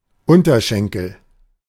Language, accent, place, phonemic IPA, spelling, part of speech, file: German, Germany, Berlin, /ˈʔʊntɐˌʃɛŋkl̩/, Unterschenkel, noun, De-Unterschenkel.ogg
- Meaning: shank (the part of the leg between the knee and the ankle)